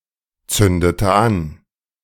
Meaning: inflection of anzünden: 1. first/third-person singular preterite 2. first/third-person singular subjunctive II
- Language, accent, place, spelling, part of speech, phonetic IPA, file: German, Germany, Berlin, zündete an, verb, [ˌt͡sʏndətə ˈan], De-zündete an.ogg